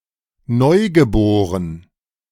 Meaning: newborn
- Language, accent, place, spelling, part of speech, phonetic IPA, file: German, Germany, Berlin, neugeboren, adjective, [ˈnɔɪ̯ɡəˌboːʁən], De-neugeboren.ogg